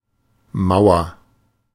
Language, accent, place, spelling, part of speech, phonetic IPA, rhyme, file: German, Germany, Berlin, mauer, adjective, [ˈmaʊ̯ɐ], -aʊ̯ɐ, De-mauer.ogg
- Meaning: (verb) inflection of mauern: 1. first-person singular present 2. singular imperative; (adjective) 1. comparative degree of mau 2. inflection of mau: strong/mixed nominative masculine singular